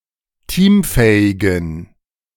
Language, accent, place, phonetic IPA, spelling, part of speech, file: German, Germany, Berlin, [ˈtiːmˌfɛːɪɡn̩], teamfähigen, adjective, De-teamfähigen.ogg
- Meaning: inflection of teamfähig: 1. strong genitive masculine/neuter singular 2. weak/mixed genitive/dative all-gender singular 3. strong/weak/mixed accusative masculine singular 4. strong dative plural